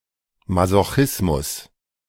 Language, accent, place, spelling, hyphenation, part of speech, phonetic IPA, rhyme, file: German, Germany, Berlin, Masochismus, Ma‧so‧chis‧mus, noun, [mazoˈxɪsmʊs], -ɪsmʊs, De-Masochismus.ogg
- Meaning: 1. masochism (sexual enjoyment of receiving pain or humiliation) 2. masochism (joyful wallowing in pain or hardship)